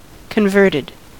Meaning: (adjective) changed in form or function etc; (verb) simple past and past participle of convert
- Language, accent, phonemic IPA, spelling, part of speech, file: English, US, /kənˈvɝtɪd/, converted, adjective / verb, En-us-converted.ogg